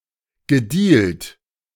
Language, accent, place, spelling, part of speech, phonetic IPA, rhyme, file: German, Germany, Berlin, gedealt, verb, [ɡəˈdiːlt], -iːlt, De-gedealt.ogg
- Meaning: past participle of dealen